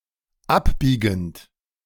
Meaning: present participle of abbiegen
- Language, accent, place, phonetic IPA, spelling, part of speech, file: German, Germany, Berlin, [ˈapˌbiːɡn̩t], abbiegend, verb, De-abbiegend.ogg